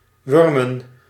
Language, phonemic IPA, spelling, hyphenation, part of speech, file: Dutch, /ˈʋʏr.mə(n)/, wurmen, wur‧men, verb, Nl-wurmen.ogg
- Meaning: 1. to worm, move by dragging one's body around 2. to squeeze, to wriggle